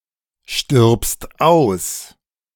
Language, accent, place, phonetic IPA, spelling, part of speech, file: German, Germany, Berlin, [ˌʃtɪʁpst ˈaʊ̯s], stirbst aus, verb, De-stirbst aus.ogg
- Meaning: second-person singular present of aussterben